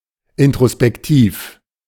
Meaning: introspective
- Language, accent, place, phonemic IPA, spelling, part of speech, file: German, Germany, Berlin, /ɪntʁospɛkˈtiːf/, introspektiv, adjective, De-introspektiv.ogg